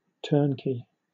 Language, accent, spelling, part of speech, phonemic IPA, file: English, Southern England, turnkey, adjective / noun / verb, /ˈtɜː(ɹ)nˌkiː/, LL-Q1860 (eng)-turnkey.wav
- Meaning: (adjective) Ready to use without further assembly or test; supplied in a state that is ready to turn on and operate (typically refers to an assembly that is outsourced for manufacture)